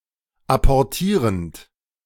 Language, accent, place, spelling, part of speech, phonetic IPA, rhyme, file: German, Germany, Berlin, apportierend, verb, [apɔʁˈtiːʁənt], -iːʁənt, De-apportierend.ogg
- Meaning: present participle of apportieren